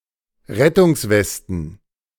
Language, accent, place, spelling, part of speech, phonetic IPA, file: German, Germany, Berlin, Rettungswesten, noun, [ˈʁɛtʊŋsˌvɛstn̩], De-Rettungswesten.ogg
- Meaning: plural of Rettungsweste